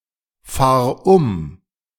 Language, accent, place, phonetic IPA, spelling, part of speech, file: German, Germany, Berlin, [ˌfaːɐ̯ ˈʊm], fahr um, verb, De-fahr um.ogg
- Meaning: singular imperative of umfahren